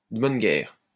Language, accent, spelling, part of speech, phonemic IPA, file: French, France, de bonne guerre, adjective, /də bɔn ɡɛʁ/, LL-Q150 (fra)-de bonne guerre.wav
- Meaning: fair and square, only fair, deserved, understandable (in an eye for an eye, tit-for-tat sense of justice)